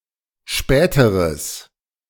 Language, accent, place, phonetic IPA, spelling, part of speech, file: German, Germany, Berlin, [ˈʃpɛːtəʁəs], späteres, adjective, De-späteres.ogg
- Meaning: strong/mixed nominative/accusative neuter singular comparative degree of spät